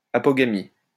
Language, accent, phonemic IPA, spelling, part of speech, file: French, France, /a.pɔ.ɡa.mi/, apogamie, noun, LL-Q150 (fra)-apogamie.wav
- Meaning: apogamy